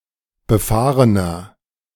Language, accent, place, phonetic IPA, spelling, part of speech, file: German, Germany, Berlin, [bəˈfaːʁənɐ], befahrener, adjective, De-befahrener.ogg
- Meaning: 1. comparative degree of befahren 2. inflection of befahren: strong/mixed nominative masculine singular 3. inflection of befahren: strong genitive/dative feminine singular